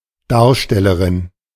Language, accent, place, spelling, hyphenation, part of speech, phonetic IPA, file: German, Germany, Berlin, Darstellerin, Dar‧stel‧le‧rin, noun, [ˈdaːɐ̯ʃtɛləʁɪn], De-Darstellerin.ogg
- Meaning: A female actor, player, performer